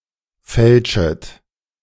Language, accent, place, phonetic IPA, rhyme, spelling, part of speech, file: German, Germany, Berlin, [ˈfɛlʃət], -ɛlʃət, fälschet, verb, De-fälschet.ogg
- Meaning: second-person plural subjunctive I of fälschen